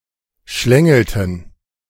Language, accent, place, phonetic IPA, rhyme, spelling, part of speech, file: German, Germany, Berlin, [ˈʃlɛŋl̩tn̩], -ɛŋl̩tn̩, schlängelten, verb, De-schlängelten.ogg
- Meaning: inflection of schlängeln: 1. first/third-person plural preterite 2. first/third-person plural subjunctive II